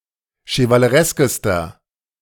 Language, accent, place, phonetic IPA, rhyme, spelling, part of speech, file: German, Germany, Berlin, [ʃəvaləˈʁɛskəstɐ], -ɛskəstɐ, chevalereskester, adjective, De-chevalereskester.ogg
- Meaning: inflection of chevaleresk: 1. strong/mixed nominative masculine singular superlative degree 2. strong genitive/dative feminine singular superlative degree 3. strong genitive plural superlative degree